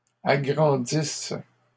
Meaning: inflection of agrandir: 1. first/third-person singular present subjunctive 2. first-person singular imperfect subjunctive
- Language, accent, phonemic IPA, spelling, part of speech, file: French, Canada, /a.ɡʁɑ̃.dis/, agrandisse, verb, LL-Q150 (fra)-agrandisse.wav